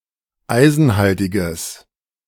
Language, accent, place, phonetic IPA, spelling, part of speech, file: German, Germany, Berlin, [ˈaɪ̯zn̩ˌhaltɪɡəs], eisenhaltiges, adjective, De-eisenhaltiges.ogg
- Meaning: strong/mixed nominative/accusative neuter singular of eisenhaltig